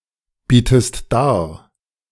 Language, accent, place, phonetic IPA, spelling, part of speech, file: German, Germany, Berlin, [ˌbiːtəst ˈdaːɐ̯], bietest dar, verb, De-bietest dar.ogg
- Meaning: inflection of darbieten: 1. second-person singular present 2. second-person singular subjunctive I